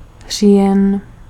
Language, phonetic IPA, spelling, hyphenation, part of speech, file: Czech, [ˈr̝iːjɛn], říjen, ří‧jen, noun, Cs-říjen.ogg
- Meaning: October